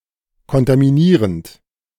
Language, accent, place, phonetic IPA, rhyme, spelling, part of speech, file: German, Germany, Berlin, [kɔntamiˈniːʁənt], -iːʁənt, kontaminierend, verb, De-kontaminierend.ogg
- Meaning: present participle of kontaminieren